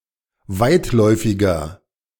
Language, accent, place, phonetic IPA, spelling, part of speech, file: German, Germany, Berlin, [ˈvaɪ̯tˌlɔɪ̯fɪɡɐ], weitläufiger, adjective, De-weitläufiger.ogg
- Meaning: 1. comparative degree of weitläufig 2. inflection of weitläufig: strong/mixed nominative masculine singular 3. inflection of weitläufig: strong genitive/dative feminine singular